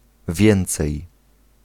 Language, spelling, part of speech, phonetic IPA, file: Polish, więcej, adverb, [ˈvʲjɛ̃nt͡sɛj], Pl-więcej.ogg